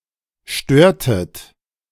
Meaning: inflection of stören: 1. second-person plural preterite 2. second-person plural subjunctive II
- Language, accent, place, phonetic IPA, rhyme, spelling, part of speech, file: German, Germany, Berlin, [ˈʃtøːɐ̯tət], -øːɐ̯tət, störtet, verb, De-störtet.ogg